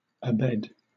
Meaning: 1. In bed, or on the bed; confined to bed 2. On a childbed
- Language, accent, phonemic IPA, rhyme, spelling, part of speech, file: English, Southern England, /əˈbɛd/, -ɛd, abed, adverb, LL-Q1860 (eng)-abed.wav